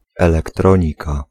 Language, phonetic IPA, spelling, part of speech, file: Polish, [ˌɛlɛkˈtrɔ̃ɲika], elektronika, noun, Pl-elektronika.ogg